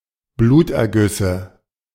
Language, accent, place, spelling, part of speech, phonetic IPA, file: German, Germany, Berlin, Blutergüsse, noun, [ˈbluːtʔɛɐ̯ˌɡʏsə], De-Blutergüsse.ogg
- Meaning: nominative/accusative/genitive plural of Bluterguss